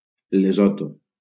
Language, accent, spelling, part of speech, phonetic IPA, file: Catalan, Valencia, Lesotho, proper noun, [leˈzɔ.to], LL-Q7026 (cat)-Lesotho.wav
- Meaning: Lesotho (a country in Southern Africa)